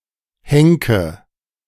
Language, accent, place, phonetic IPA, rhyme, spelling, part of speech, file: German, Germany, Berlin, [ˈhɛŋkə], -ɛŋkə, henke, verb, De-henke.ogg
- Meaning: inflection of henken: 1. first-person singular present 2. first/third-person singular subjunctive I 3. singular imperative